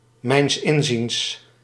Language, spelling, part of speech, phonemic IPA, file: Dutch, mijns inziens, adverb, /mɛi̯ns ˈɪnzins/, Nl-mijns inziens.ogg
- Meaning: in my opinion, in my understanding, as far as I'm concerned